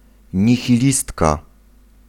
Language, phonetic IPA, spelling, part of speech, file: Polish, [ˌɲixʲiˈlʲistka], nihilistka, noun, Pl-nihilistka.ogg